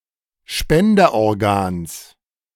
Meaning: genitive singular of Spenderorgan
- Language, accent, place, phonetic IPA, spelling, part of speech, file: German, Germany, Berlin, [ˈʃpɛndɐʔɔʁˌɡaːns], Spenderorgans, noun, De-Spenderorgans.ogg